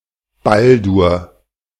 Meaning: a male given name
- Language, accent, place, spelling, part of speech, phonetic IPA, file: German, Germany, Berlin, Baldur, proper noun, [ˈbaldʊʁ], De-Baldur.ogg